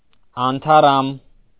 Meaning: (adjective) 1. unfading, undying, imperishable 2. fresh, bright, brilliant 3. perennial, eternal, everlasting; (noun) immortelle, everlasting flower
- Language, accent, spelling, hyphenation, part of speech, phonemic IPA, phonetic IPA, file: Armenian, Eastern Armenian, անթառամ, ան‧թա‧ռամ, adjective / noun, /ɑntʰɑˈrɑm/, [ɑntʰɑrɑ́m], Hy-անթառամ.ogg